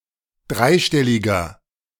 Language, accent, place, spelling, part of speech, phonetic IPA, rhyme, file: German, Germany, Berlin, dreistelliger, adjective, [ˈdʁaɪ̯ˌʃtɛlɪɡɐ], -aɪ̯ʃtɛlɪɡɐ, De-dreistelliger.ogg
- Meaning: inflection of dreistellig: 1. strong/mixed nominative masculine singular 2. strong genitive/dative feminine singular 3. strong genitive plural